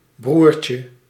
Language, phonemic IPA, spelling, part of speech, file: Dutch, /ˈbrurcə/, broertje, noun, Nl-broertje.ogg
- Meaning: diminutive of broer